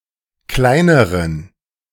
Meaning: inflection of klein: 1. strong genitive masculine/neuter singular comparative degree 2. weak/mixed genitive/dative all-gender singular comparative degree
- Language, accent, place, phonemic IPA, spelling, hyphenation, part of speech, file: German, Germany, Berlin, /ˈklaɪ̯nəʁən/, kleineren, klei‧ne‧ren, adjective, De-kleineren.ogg